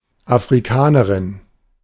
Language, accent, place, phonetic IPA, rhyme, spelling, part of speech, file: German, Germany, Berlin, [afʁiˈkaːnəʁɪn], -aːnəʁɪn, Afrikanerin, noun, De-Afrikanerin.ogg
- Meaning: African (female)